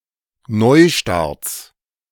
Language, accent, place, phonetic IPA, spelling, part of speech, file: German, Germany, Berlin, [ˈnɔɪ̯ˌʃtaʁt͡s], Neustarts, noun, De-Neustarts.ogg
- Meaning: plural of Neustart